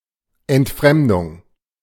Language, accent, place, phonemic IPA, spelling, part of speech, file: German, Germany, Berlin, /ɛntˈfʁɛmdʊŋ/, Entfremdung, noun, De-Entfremdung.ogg
- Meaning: 1. alienation, estrangement 2. misappropriation